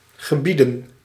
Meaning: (verb) 1. to command, order 2. to be in command; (noun) plural of gebied
- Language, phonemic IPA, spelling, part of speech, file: Dutch, /ɣəˈbidə(n)/, gebieden, verb / noun, Nl-gebieden.ogg